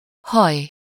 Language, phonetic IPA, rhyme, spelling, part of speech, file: Hungarian, [ˈhɒj], -ɒj, haj, noun / interjection, Hu-haj.ogg
- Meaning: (noun) hair (of the head, excluding facial hair); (interjection) alas (used to express sorrow, regret, compassion or grief); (noun) alternative form of héj (“peel, skin”)